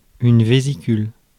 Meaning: 1. bladder (flexible sac that can expand and contract and that holds liquids or gases) 2. vesicle (blister)
- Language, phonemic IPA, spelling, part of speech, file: French, /ve.zi.kyl/, vésicule, noun, Fr-vésicule.ogg